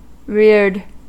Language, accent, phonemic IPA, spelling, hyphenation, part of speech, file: English, US, /ɹɪɹd/, reared, reared, verb, En-us-reared.ogg
- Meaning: simple past and past participle of rear